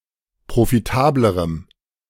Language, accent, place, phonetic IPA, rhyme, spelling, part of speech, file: German, Germany, Berlin, [pʁofiˈtaːbləʁəm], -aːbləʁəm, profitablerem, adjective, De-profitablerem.ogg
- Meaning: strong dative masculine/neuter singular comparative degree of profitabel